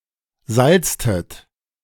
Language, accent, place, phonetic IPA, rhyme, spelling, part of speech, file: German, Germany, Berlin, [ˈzalt͡stət], -alt͡stət, salztet, verb, De-salztet.ogg
- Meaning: inflection of salzen: 1. second-person plural preterite 2. second-person plural subjunctive II